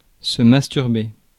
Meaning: 1. to masturbate (another person) 2. to masturbate (oneself) 3. to masturbate (each other)
- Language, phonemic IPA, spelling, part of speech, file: French, /mas.tyʁ.be/, masturber, verb, Fr-masturber.ogg